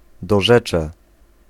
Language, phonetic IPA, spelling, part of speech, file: Polish, [dɔˈʒɛt͡ʃɛ], dorzecze, noun, Pl-dorzecze.ogg